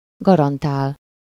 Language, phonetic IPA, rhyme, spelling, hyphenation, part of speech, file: Hungarian, [ˈɡɒrɒntaːl], -aːl, garantál, ga‧ran‧tál, verb, Hu-garantál.ogg
- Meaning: to guarantee something (to someone: -nak/-nek)